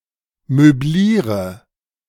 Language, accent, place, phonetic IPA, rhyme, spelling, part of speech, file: German, Germany, Berlin, [møˈbliːʁə], -iːʁə, möbliere, verb, De-möbliere.ogg
- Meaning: inflection of möblieren: 1. first-person singular present 2. first/third-person singular subjunctive I 3. singular imperative